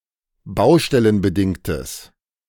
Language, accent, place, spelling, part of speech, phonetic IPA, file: German, Germany, Berlin, baustellenbedingtes, adjective, [ˈbaʊ̯ʃtɛlənbəˌdɪŋtəs], De-baustellenbedingtes.ogg
- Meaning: strong/mixed nominative/accusative neuter singular of baustellenbedingt